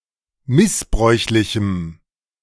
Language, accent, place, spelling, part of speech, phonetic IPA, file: German, Germany, Berlin, missbräuchlichem, adjective, [ˈmɪsˌbʁɔɪ̯çlɪçm̩], De-missbräuchlichem.ogg
- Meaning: strong dative masculine/neuter singular of missbräuchlich